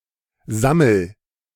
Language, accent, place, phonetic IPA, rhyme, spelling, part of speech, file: German, Germany, Berlin, [ˈzaml̩], -aml̩, sammel, verb, De-sammel.ogg
- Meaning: inflection of sammeln: 1. first-person singular present 2. singular imperative